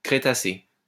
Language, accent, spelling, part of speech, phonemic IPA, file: French, France, crétacé, adjective, /kʁe.ta.se/, LL-Q150 (fra)-crétacé.wav
- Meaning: Cretaceous